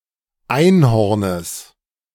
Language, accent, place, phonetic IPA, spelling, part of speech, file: German, Germany, Berlin, [ˈaɪ̯nˌhɔʁnəs], Einhornes, noun, De-Einhornes.ogg
- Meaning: genitive of Einhorn